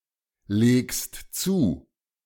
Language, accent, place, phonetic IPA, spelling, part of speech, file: German, Germany, Berlin, [ˌleːkst ˈt͡suː], legst zu, verb, De-legst zu.ogg
- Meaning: second-person singular present of zulegen